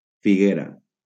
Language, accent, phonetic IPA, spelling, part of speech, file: Catalan, Valencia, [fiˈɣe.ɾa], figuera, noun, LL-Q7026 (cat)-figuera.wav
- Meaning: fig tree